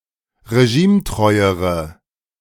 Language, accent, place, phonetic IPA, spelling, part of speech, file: German, Germany, Berlin, [ʁeˈʒiːmˌtʁɔɪ̯əʁə], regimetreuere, adjective, De-regimetreuere.ogg
- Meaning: inflection of regimetreu: 1. strong/mixed nominative/accusative feminine singular comparative degree 2. strong nominative/accusative plural comparative degree